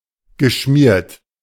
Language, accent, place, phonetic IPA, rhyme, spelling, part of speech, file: German, Germany, Berlin, [ɡəˈʃmiːɐ̯t], -iːɐ̯t, geschmiert, verb, De-geschmiert.ogg
- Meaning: past participle of schmieren